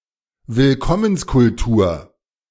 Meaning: welcoming culture
- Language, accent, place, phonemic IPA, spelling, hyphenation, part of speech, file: German, Germany, Berlin, /vɪlˈkɔmənskʊltuːɐ̯/, Willkommenskultur, Will‧kom‧mens‧kul‧tur, noun, De-Willkommenskultur.ogg